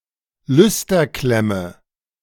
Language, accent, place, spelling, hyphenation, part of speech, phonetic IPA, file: German, Germany, Berlin, Lüsterklemme, Lüs‧ter‧klem‧me, noun, [ˈlʏstɐˌklɛmə], De-Lüsterklemme.ogg
- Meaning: terminal strip, lustre terminal, luster terminal, screw terminal, connector strip, chocolate block